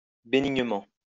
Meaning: benignly
- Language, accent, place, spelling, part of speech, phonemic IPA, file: French, France, Lyon, bénignement, adverb, /be.niɲ.mɑ̃/, LL-Q150 (fra)-bénignement.wav